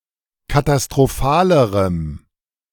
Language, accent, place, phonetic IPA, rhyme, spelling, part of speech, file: German, Germany, Berlin, [katastʁoˈfaːləʁəm], -aːləʁəm, katastrophalerem, adjective, De-katastrophalerem.ogg
- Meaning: strong dative masculine/neuter singular comparative degree of katastrophal